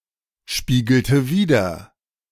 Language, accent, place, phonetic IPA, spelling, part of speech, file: German, Germany, Berlin, [ˌʃpiːɡl̩tə ˈviːdɐ], spiegelte wider, verb, De-spiegelte wider.ogg
- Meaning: inflection of widerspiegeln: 1. first/third-person singular preterite 2. first/third-person singular subjunctive II